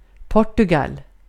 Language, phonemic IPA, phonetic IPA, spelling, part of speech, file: Swedish, /ˈpɔrtɵɡal/, [ˈpɔʈɵɡal], Portugal, proper noun, Sv-Portugal.ogg
- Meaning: Portugal (a country in Southern Europe, on the Iberian Peninsula)